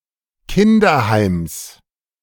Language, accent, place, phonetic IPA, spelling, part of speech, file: German, Germany, Berlin, [ˈkɪndɐˌhaɪ̯ms], Kinderheims, noun, De-Kinderheims.ogg
- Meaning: genitive singular of Kinderheim